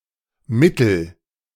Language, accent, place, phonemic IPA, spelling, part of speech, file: German, Germany, Berlin, /ˈmɪtəl-/, mittel-, prefix, De-mittel-.ogg
- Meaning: middle, medium